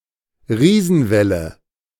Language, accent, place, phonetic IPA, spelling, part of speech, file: German, Germany, Berlin, [ˈʁiːzn̩ˌvɛlə], Riesenwelle, noun, De-Riesenwelle.ogg
- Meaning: rogue wave